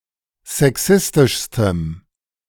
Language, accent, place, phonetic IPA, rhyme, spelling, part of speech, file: German, Germany, Berlin, [zɛˈksɪstɪʃstəm], -ɪstɪʃstəm, sexistischstem, adjective, De-sexistischstem.ogg
- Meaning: strong dative masculine/neuter singular superlative degree of sexistisch